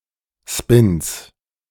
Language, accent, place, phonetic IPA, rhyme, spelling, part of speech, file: German, Germany, Berlin, [spɪns], -ɪns, Spins, noun, De-Spins.ogg
- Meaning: 1. genitive singular of Spin 2. plural of Spin